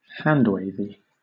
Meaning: Missing important details or logical steps, perhaps instead appealing to laymen, common sense, tradition, intuition, or examples
- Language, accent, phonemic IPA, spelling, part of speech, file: English, Southern England, /ˈhændˌweɪvi/, handwavy, adjective, LL-Q1860 (eng)-handwavy.wav